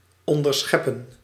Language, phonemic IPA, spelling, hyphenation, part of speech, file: Dutch, /ˌɔndərˈsxɛpə(n)/, onderscheppen, on‧der‧schep‧pen, verb, Nl-onderscheppen.ogg
- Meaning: to intercept (to gain possession of)